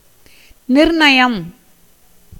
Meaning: determination, resolution
- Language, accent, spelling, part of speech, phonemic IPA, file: Tamil, India, நிர்ணயம், noun, /nɪɾɳɐjɐm/, Ta-நிர்ணயம்.ogg